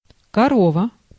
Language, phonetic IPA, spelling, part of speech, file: Russian, [kɐˈrovə], корова, noun, Ru-корова.ogg
- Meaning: 1. cow 2. cow; a fat, clumsy or dull woman